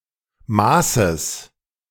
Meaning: genitive singular of Maß
- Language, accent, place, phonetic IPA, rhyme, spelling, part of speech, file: German, Germany, Berlin, [ˈmaːsəs], -aːsəs, Maßes, noun, De-Maßes.ogg